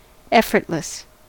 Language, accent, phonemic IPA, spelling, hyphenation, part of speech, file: English, US, /ˈɛfə(ɹ)tlɪs/, effortless, ef‧fort‧less, adjective, En-us-effortless.ogg
- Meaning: Without effort